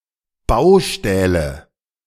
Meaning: nominative/accusative/genitive plural of Baustahl
- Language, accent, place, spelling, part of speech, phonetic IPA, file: German, Germany, Berlin, Baustähle, noun, [ˈbaʊ̯ˌʃtɛːlə], De-Baustähle.ogg